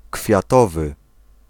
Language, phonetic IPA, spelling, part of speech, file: Polish, [kfʲjaˈtɔvɨ], kwiatowy, adjective, Pl-kwiatowy.ogg